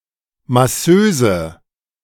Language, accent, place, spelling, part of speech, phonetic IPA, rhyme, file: German, Germany, Berlin, Masseuse, noun, [maˈsøːzə], -øːzə, De-Masseuse.ogg
- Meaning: 1. prostitute (working in a "massage parlor") 2. masseuse